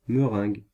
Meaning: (noun) meringue; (verb) inflection of meringuer: 1. first/third-person singular present indicative/subjunctive 2. second-person singular imperative
- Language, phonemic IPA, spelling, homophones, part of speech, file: French, /mə.ʁɛ̃ɡ/, meringue, meringuent / meringues, noun / verb, Fr-meringue.ogg